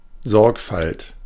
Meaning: carefulness, care, diligence
- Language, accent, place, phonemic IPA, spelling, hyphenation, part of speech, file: German, Germany, Berlin, /ˈzɔʁkfalt/, Sorgfalt, Sorg‧falt, noun, De-Sorgfalt.ogg